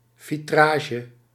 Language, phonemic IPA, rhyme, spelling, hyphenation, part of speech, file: Dutch, /ˌviˈtraː.ʒə/, -aːʒə, vitrage, vi‧tra‧ge, noun, Nl-vitrage.ogg
- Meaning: vitrage (translucent curtain or fabric)